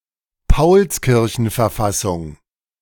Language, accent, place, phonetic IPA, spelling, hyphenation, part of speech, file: German, Germany, Berlin, [paʊ̯peˈʁɪsmʊs], Pauperismus, Pau‧pe‧ris‧mus, noun, De-Pauperismus.ogg
- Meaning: pauperism